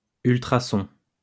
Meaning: ultrasound
- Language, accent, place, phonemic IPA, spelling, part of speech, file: French, France, Lyon, /yl.tʁa.sɔ̃/, ultrason, noun, LL-Q150 (fra)-ultrason.wav